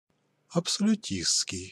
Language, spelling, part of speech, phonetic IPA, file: Russian, абсолютистский, adjective, [ɐpsəlʲʉˈtʲist͡skʲɪj], Ru-абсолютистский.ogg
- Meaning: absolutist